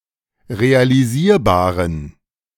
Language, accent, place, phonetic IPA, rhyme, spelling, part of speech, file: German, Germany, Berlin, [ʁealiˈziːɐ̯baːʁən], -iːɐ̯baːʁən, realisierbaren, adjective, De-realisierbaren.ogg
- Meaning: inflection of realisierbar: 1. strong genitive masculine/neuter singular 2. weak/mixed genitive/dative all-gender singular 3. strong/weak/mixed accusative masculine singular 4. strong dative plural